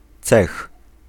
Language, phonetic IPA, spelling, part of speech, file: Polish, [t͡sɛx], cech, noun, Pl-cech.ogg